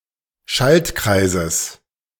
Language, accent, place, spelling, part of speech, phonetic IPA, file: German, Germany, Berlin, Schaltkreises, noun, [ˈʃaltˌkʁaɪ̯zəs], De-Schaltkreises.ogg
- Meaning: genitive singular of Schaltkreis